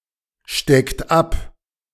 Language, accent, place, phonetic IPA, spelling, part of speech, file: German, Germany, Berlin, [ˌʃtɛkt ˈap], steckt ab, verb, De-steckt ab.ogg
- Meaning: inflection of abstecken: 1. third-person singular present 2. second-person plural present 3. plural imperative